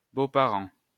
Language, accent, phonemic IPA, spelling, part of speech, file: French, France, /bo.pa.ʁɑ̃/, beau-parent, noun, LL-Q150 (fra)-beau-parent.wav
- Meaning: in-law